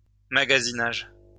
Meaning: 1. stockroom, storeroom 2. shopping
- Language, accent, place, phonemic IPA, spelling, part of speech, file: French, France, Lyon, /ma.ɡa.zi.naʒ/, magasinage, noun, LL-Q150 (fra)-magasinage.wav